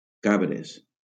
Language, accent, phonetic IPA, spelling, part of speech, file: Catalan, Valencia, [ˈka.bɾes], cabres, noun, LL-Q7026 (cat)-cabres.wav
- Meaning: plural of cabra